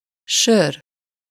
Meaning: beer
- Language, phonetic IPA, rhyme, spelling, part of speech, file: Hungarian, [ˈʃør], -ør, sör, noun, Hu-sör.ogg